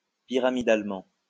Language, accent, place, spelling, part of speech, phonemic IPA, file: French, France, Lyon, pyramidalement, adverb, /pi.ʁa.mi.dal.mɑ̃/, LL-Q150 (fra)-pyramidalement.wav
- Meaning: pyramidally